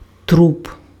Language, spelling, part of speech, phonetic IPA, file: Ukrainian, труп, noun, [trup], Uk-труп.ogg
- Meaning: 1. corpse 2. genitive plural of тру́па (trúpa)